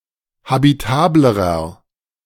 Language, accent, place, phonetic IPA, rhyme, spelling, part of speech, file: German, Germany, Berlin, [habiˈtaːbləʁɐ], -aːbləʁɐ, habitablerer, adjective, De-habitablerer.ogg
- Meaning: inflection of habitabel: 1. strong/mixed nominative masculine singular comparative degree 2. strong genitive/dative feminine singular comparative degree 3. strong genitive plural comparative degree